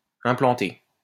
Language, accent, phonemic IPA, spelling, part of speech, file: French, France, /ɛ̃.plɑ̃.te/, implanter, verb, LL-Q150 (fra)-implanter.wav
- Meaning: 1. to build (an installation); to install (machinery); to open (a business) 2. to establish 3. to instill (an idea) 4. to implant 5. to embed